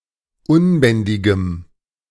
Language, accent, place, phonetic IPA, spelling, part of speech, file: German, Germany, Berlin, [ˈʊnˌbɛndɪɡəm], unbändigem, adjective, De-unbändigem.ogg
- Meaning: strong dative masculine/neuter singular of unbändig